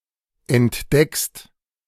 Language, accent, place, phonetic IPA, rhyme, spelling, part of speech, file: German, Germany, Berlin, [ɛntˈdɛkst], -ɛkst, entdeckst, verb, De-entdeckst.ogg
- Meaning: second-person singular present of entdecken